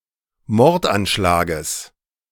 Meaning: genitive singular of Mordanschlag
- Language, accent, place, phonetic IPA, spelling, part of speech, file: German, Germany, Berlin, [ˈmɔʁtʔanˌʃlaːɡəs], Mordanschlages, noun, De-Mordanschlages.ogg